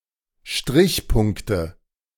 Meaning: nominative/accusative/genitive plural of Strichpunkt
- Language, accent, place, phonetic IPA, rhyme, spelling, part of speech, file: German, Germany, Berlin, [ˈʃtʁɪçˌpʊŋktə], -ɪçpʊŋktə, Strichpunkte, noun, De-Strichpunkte.ogg